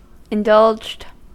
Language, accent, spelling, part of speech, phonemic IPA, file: English, US, indulged, adjective / verb, /ɪnˈdʌld͡ʒd/, En-us-indulged.ogg
- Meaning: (adjective) Having had all desires, wishes, and whims granted; having been brought up lavishly, wanting for nothing; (verb) simple past and past participle of indulge